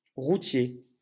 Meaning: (adjective) road; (noun) 1. rutter 2. trucker, truck driver 3. restaurant for truckers and other road travellers; truck stop; diner
- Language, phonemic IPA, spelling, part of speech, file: French, /ʁu.tje/, routier, adjective / noun, LL-Q150 (fra)-routier.wav